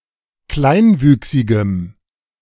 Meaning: strong dative masculine/neuter singular of kleinwüchsig
- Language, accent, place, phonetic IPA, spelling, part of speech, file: German, Germany, Berlin, [ˈklaɪ̯nˌvyːksɪɡəm], kleinwüchsigem, adjective, De-kleinwüchsigem.ogg